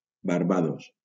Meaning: Barbados (an island and country in the Caribbean)
- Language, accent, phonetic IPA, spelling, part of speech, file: Catalan, Valencia, [baɾˈba.ðos], Barbados, proper noun, LL-Q7026 (cat)-Barbados.wav